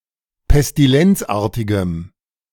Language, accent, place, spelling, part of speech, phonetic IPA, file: German, Germany, Berlin, pestilenzartigem, adjective, [pɛstiˈlɛnt͡sˌʔaːɐ̯tɪɡəm], De-pestilenzartigem.ogg
- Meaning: strong dative masculine/neuter singular of pestilenzartig